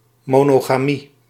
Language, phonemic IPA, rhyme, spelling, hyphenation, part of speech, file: Dutch, /ˌmoː.noː.ɣaːˈmi/, -i, monogamie, mo‧no‧ga‧mie, noun, Nl-monogamie.ogg
- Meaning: 1. monogamy, marriage with only one partner at a time 2. monogamy, the practice of having only one partner at a time